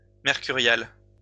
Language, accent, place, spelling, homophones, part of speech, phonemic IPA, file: French, France, Lyon, mercuriale, mercurial / mercuriales, noun, /mɛʁ.ky.ʁjal/, LL-Q150 (fra)-mercuriale.wav
- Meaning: 1. A session of the French Parliament held on a Wednesday where the First President would denounce any injustices 2. mercury (Mercurialis)